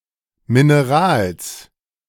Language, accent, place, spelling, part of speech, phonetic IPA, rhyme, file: German, Germany, Berlin, Minerals, noun, [mɪneˈʁaːls], -aːls, De-Minerals.ogg
- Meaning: plural of Mineral